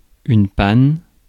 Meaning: 1. plush velvet 2. breakdown (state of no longer functioning) 3. purlin
- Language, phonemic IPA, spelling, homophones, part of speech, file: French, /pan/, panne, pannes / paonne / paonnes, noun, Fr-panne.ogg